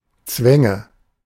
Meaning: nominative/accusative/genitive plural of Zwang
- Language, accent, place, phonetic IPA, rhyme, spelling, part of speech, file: German, Germany, Berlin, [ˈt͡svɛŋə], -ɛŋə, Zwänge, noun, De-Zwänge.ogg